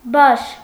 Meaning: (noun) 1. mane (of animals) 2. crest, peak, top 3. mane (of human hair) 4. spot (white spot on an animal); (adjective) pied, piebald
- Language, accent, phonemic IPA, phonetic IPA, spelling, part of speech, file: Armenian, Eastern Armenian, /bɑʃ/, [bɑʃ], բաշ, noun / adjective, Hy-բաշ.ogg